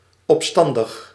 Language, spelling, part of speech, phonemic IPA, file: Dutch, opstandig, adjective, /ɔpˈstɑndəx/, Nl-opstandig.ogg
- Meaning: rebellious